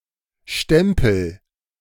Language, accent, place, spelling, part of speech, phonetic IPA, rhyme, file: German, Germany, Berlin, stempel, verb, [ˈʃtɛmpl̩], -ɛmpl̩, De-stempel.ogg
- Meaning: inflection of stempeln: 1. first-person singular present 2. singular imperative